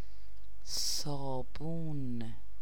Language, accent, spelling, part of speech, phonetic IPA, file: Persian, Iran, صابون, noun, [sɒː.búːn], Fa-صابون.ogg
- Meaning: soap